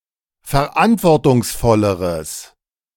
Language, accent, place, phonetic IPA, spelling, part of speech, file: German, Germany, Berlin, [fɛɐ̯ˈʔantvɔʁtʊŋsˌfɔləʁəs], verantwortungsvolleres, adjective, De-verantwortungsvolleres.ogg
- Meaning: strong/mixed nominative/accusative neuter singular comparative degree of verantwortungsvoll